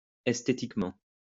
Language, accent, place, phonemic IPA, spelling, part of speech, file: French, France, Lyon, /ɛs.te.tik.mɑ̃/, esthétiquement, adverb, LL-Q150 (fra)-esthétiquement.wav
- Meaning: aesthetically